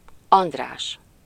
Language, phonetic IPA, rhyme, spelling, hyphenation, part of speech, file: Hungarian, [ˈɒndraːʃ], -aːʃ, András, And‧rás, proper noun, Hu-András.ogg
- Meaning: 1. a male given name from Ancient Greek, equivalent to English Andrew 2. a surname